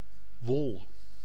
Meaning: wool
- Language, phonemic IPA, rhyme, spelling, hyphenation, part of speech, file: Dutch, /ʋɔl/, -ɔl, wol, wol, noun, Nl-wol.ogg